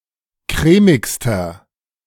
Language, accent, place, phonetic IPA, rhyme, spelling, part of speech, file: German, Germany, Berlin, [ˈkʁɛːmɪkstɐ], -ɛːmɪkstɐ, crèmigster, adjective, De-crèmigster.ogg
- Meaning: inflection of crèmig: 1. strong/mixed nominative masculine singular superlative degree 2. strong genitive/dative feminine singular superlative degree 3. strong genitive plural superlative degree